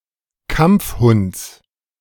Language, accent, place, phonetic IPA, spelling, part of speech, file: German, Germany, Berlin, [ˈkamp͡fˌhʊnt͡s], Kampfhunds, noun, De-Kampfhunds.ogg
- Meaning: genitive singular of Kampfhund